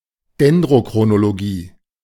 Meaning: dendrochronology
- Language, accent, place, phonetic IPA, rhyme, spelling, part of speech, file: German, Germany, Berlin, [dɛndʁokʁonoloˈɡiː], -iː, Dendrochronologie, noun, De-Dendrochronologie.ogg